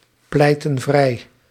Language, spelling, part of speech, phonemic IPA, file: Dutch, pleiten vrij, verb, /ˈplɛitə(n) ˈvrɛi/, Nl-pleiten vrij.ogg
- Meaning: inflection of vrijpleiten: 1. plural present indicative 2. plural present subjunctive